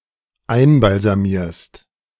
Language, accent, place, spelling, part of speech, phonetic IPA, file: German, Germany, Berlin, einbalsamierst, verb, [ˈaɪ̯nbalzaˌmiːɐ̯st], De-einbalsamierst.ogg
- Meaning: second-person singular dependent present of einbalsamieren